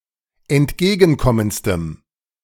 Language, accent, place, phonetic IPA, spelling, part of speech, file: German, Germany, Berlin, [ɛntˈɡeːɡn̩ˌkɔmənt͡stəm], entgegenkommendstem, adjective, De-entgegenkommendstem.ogg
- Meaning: strong dative masculine/neuter singular superlative degree of entgegenkommend